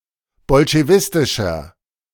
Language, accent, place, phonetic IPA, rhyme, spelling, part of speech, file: German, Germany, Berlin, [bɔlʃeˈvɪstɪʃɐ], -ɪstɪʃɐ, bolschewistischer, adjective, De-bolschewistischer.ogg
- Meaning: inflection of bolschewistisch: 1. strong/mixed nominative masculine singular 2. strong genitive/dative feminine singular 3. strong genitive plural